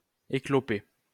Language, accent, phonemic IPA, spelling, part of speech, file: French, France, /e.klɔ.pe/, éclopé, verb / adjective, LL-Q150 (fra)-éclopé.wav
- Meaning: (verb) past participle of écloper; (adjective) injured, lame